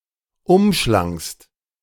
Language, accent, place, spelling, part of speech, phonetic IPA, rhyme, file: German, Germany, Berlin, umschlangst, verb, [ˈʊmˌʃlaŋst], -ʊmʃlaŋst, De-umschlangst.ogg
- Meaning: second-person singular preterite of umschlingen